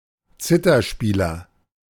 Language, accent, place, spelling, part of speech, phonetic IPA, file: German, Germany, Berlin, Zitherspieler, noun, [ˈt͡sɪtɐˌʃpiːlɐ], De-Zitherspieler.ogg
- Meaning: zither player (male or of unspecified sex)